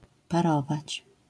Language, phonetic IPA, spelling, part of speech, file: Polish, [paˈrɔvat͡ɕ], parować, verb, LL-Q809 (pol)-parować.wav